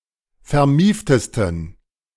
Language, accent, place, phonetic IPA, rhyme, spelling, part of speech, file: German, Germany, Berlin, [fɛɐ̯ˈmiːftəstn̩], -iːftəstn̩, vermieftesten, adjective, De-vermieftesten.ogg
- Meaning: 1. superlative degree of vermieft 2. inflection of vermieft: strong genitive masculine/neuter singular superlative degree